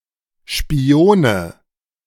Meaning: nominative/accusative/genitive plural of Spion
- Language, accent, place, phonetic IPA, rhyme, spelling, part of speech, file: German, Germany, Berlin, [ʃpiˈoːnə], -oːnə, Spione, noun, De-Spione.ogg